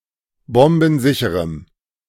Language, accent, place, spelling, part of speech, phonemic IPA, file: German, Germany, Berlin, bombensicherem, adjective, /ˈbɔmbn̩ˌzɪçəʁəm/, De-bombensicherem.ogg
- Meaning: strong dative masculine/neuter singular of bombensicher